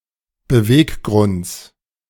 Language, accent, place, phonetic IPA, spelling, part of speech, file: German, Germany, Berlin, [bəˈveːkˌɡʁʊnt͡s], Beweggrunds, noun, De-Beweggrunds.ogg
- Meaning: genitive singular of Beweggrund